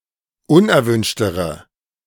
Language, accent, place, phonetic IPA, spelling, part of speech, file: German, Germany, Berlin, [ˈʊnʔɛɐ̯ˌvʏnʃtəʁə], unerwünschtere, adjective, De-unerwünschtere.ogg
- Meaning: inflection of unerwünscht: 1. strong/mixed nominative/accusative feminine singular comparative degree 2. strong nominative/accusative plural comparative degree